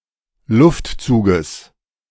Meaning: genitive singular of Luftzug
- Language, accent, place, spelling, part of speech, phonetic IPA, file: German, Germany, Berlin, Luftzuges, noun, [ˈlʊftˌt͡suːɡəs], De-Luftzuges.ogg